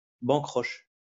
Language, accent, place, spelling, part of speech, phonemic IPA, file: French, France, Lyon, bancroche, adjective, /bɑ̃.kʁɔʃ/, LL-Q150 (fra)-bancroche.wav
- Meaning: bandy-legged